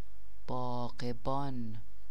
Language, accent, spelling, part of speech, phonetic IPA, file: Persian, Iran, باغبان, noun, [bɒːɢ.bɒ́ːn], Fa-باغبان.ogg
- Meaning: gardener